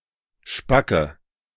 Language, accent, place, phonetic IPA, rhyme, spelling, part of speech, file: German, Germany, Berlin, [ˈʃpakə], -akə, spacke, adjective / verb, De-spacke.ogg
- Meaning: inflection of spack: 1. strong/mixed nominative/accusative feminine singular 2. strong nominative/accusative plural 3. weak nominative all-gender singular 4. weak accusative feminine/neuter singular